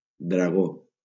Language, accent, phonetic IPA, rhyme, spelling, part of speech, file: Catalan, Valencia, [dɾaˈɣo], -o, dragó, noun, LL-Q7026 (cat)-dragó.wav
- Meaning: 1. gecko 2. dragoon